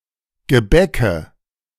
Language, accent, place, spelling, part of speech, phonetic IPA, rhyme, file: German, Germany, Berlin, Gebäcke, noun, [ɡəˈbɛkə], -ɛkə, De-Gebäcke.ogg
- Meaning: nominative/accusative/genitive plural of Gebäck